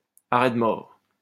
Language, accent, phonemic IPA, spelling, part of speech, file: French, France, /a.ʁɛ d(ə) mɔʁ/, arrêt de mort, noun, LL-Q150 (fra)-arrêt de mort.wav
- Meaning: death sentence